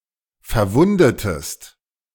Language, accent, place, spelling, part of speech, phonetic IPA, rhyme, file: German, Germany, Berlin, verwundetest, verb, [fɛɐ̯ˈvʊndətəst], -ʊndətəst, De-verwundetest.ogg
- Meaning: inflection of verwunden: 1. second-person singular preterite 2. second-person singular subjunctive II